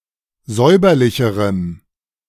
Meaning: strong dative masculine/neuter singular comparative degree of säuberlich
- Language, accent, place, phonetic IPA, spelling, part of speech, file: German, Germany, Berlin, [ˈzɔɪ̯bɐlɪçəʁəm], säuberlicherem, adjective, De-säuberlicherem.ogg